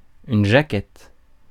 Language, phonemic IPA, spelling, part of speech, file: French, /ʒa.kɛt/, jaquette, noun, Fr-jaquette.ogg
- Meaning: 1. jacket (a removable or replaceable protective or insulating cover for an object) 2. jacket (piece of clothing) 3. cover (front and back of a book, magazine, CD or DVD) 4. male homosexuality